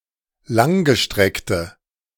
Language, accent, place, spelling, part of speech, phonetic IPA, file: German, Germany, Berlin, langgestreckte, adjective, [ˈlaŋɡəˌʃtʁɛktə], De-langgestreckte.ogg
- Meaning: inflection of langgestreckt: 1. strong/mixed nominative/accusative feminine singular 2. strong nominative/accusative plural 3. weak nominative all-gender singular